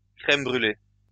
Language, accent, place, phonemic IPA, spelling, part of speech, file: French, France, Lyon, /kʁɛm bʁy.le/, crème brûlée, noun, LL-Q150 (fra)-crème brûlée.wav
- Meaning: crème brûlée